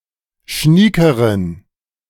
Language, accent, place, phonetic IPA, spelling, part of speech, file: German, Germany, Berlin, [ˈʃniːkəʁən], schniekeren, adjective, De-schniekeren.ogg
- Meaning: inflection of schnieke: 1. strong genitive masculine/neuter singular comparative degree 2. weak/mixed genitive/dative all-gender singular comparative degree